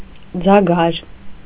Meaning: funnel
- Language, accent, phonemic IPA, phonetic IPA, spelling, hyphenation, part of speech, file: Armenian, Eastern Armenian, /d͡zɑˈɡɑɾ/, [d͡zɑɡɑ́ɾ], ձագար, ձա‧գար, noun, Hy-ձագար.ogg